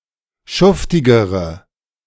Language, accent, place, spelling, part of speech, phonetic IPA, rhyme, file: German, Germany, Berlin, schuftigere, adjective, [ˈʃʊftɪɡəʁə], -ʊftɪɡəʁə, De-schuftigere.ogg
- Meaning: inflection of schuftig: 1. strong/mixed nominative/accusative feminine singular comparative degree 2. strong nominative/accusative plural comparative degree